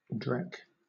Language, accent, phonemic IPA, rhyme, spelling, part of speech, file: English, Southern England, /dɹɛk/, -ɛk, dreck, noun, LL-Q1860 (eng)-dreck.wav
- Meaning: Trash; rubbish; useless or worthless stuff